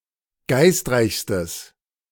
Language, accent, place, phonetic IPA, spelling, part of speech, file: German, Germany, Berlin, [ˈɡaɪ̯stˌʁaɪ̯çstəs], geistreichstes, adjective, De-geistreichstes.ogg
- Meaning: strong/mixed nominative/accusative neuter singular superlative degree of geistreich